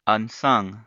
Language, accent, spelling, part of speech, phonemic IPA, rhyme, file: English, US, unsung, adjective, /ˌʌnˈsʌŋ/, -ʌŋ, En-us-unsung.ogg
- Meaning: 1. Which has not been lauded or appreciated 2. Not sung